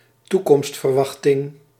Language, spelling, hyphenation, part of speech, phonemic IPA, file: Dutch, toekomstverwachting, toe‧komst‧ver‧wach‧ting, noun, /ˈtu.kɔmst.fərˌʋɑx.tɪŋ/, Nl-toekomstverwachting.ogg
- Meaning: 1. eschatological expectation(s) or beliefs, apocalyptic beliefs, expectation of the end times 2. expectation regarding the future